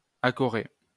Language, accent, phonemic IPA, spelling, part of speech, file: French, France, /a.kɔ.ʁe/, accorer, verb, LL-Q150 (fra)-accorer.wav
- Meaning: to shore up